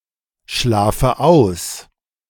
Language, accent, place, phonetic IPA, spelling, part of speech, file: German, Germany, Berlin, [ˌʃlaːfə ˈaʊ̯s], schlafe aus, verb, De-schlafe aus.ogg
- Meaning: inflection of ausschlafen: 1. first-person singular present 2. first/third-person singular subjunctive I 3. singular imperative